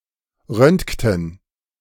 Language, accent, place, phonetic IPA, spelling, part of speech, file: German, Germany, Berlin, [ˈʁœntktn̩], röntgten, verb, De-röntgten.ogg
- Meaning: inflection of röntgen: 1. first/third-person plural preterite 2. first/third-person plural subjunctive II